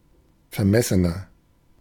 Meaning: 1. comparative degree of vermessen 2. inflection of vermessen: strong/mixed nominative masculine singular 3. inflection of vermessen: strong genitive/dative feminine singular
- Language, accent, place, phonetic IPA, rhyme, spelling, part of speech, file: German, Germany, Berlin, [fɛɐ̯ˈmɛsənɐ], -ɛsənɐ, vermessener, adjective, De-vermessener.ogg